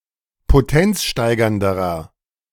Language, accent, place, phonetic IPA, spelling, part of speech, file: German, Germany, Berlin, [poˈtɛnt͡sˌʃtaɪ̯ɡɐndəʁɐ], potenzsteigernderer, adjective, De-potenzsteigernderer.ogg
- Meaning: inflection of potenzsteigernd: 1. strong/mixed nominative masculine singular comparative degree 2. strong genitive/dative feminine singular comparative degree